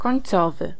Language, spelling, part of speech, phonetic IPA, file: Polish, końcowy, adjective, [kɔ̃j̃nˈt͡sɔvɨ], Pl-końcowy.ogg